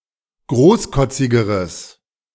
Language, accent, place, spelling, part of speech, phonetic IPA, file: German, Germany, Berlin, großkotzigeres, adjective, [ˈɡʁoːsˌkɔt͡sɪɡəʁəs], De-großkotzigeres.ogg
- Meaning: strong/mixed nominative/accusative neuter singular comparative degree of großkotzig